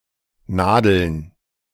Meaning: plural of Nadel
- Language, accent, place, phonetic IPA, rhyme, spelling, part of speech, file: German, Germany, Berlin, [ˈnaːdl̩n], -aːdl̩n, Nadeln, noun, De-Nadeln.ogg